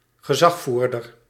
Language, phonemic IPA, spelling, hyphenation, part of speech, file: Dutch, /ɣəˈzɑxˌvur.dər/, gezagvoerder, ge‧zag‧voer‧der, noun, Nl-gezagvoerder.ogg
- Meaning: a captain (person in charge on a vessel or aircraft)